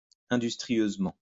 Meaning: industriously
- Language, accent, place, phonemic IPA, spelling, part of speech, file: French, France, Lyon, /ɛ̃.dys.tʁi.jøz.mɑ̃/, industrieusement, adverb, LL-Q150 (fra)-industrieusement.wav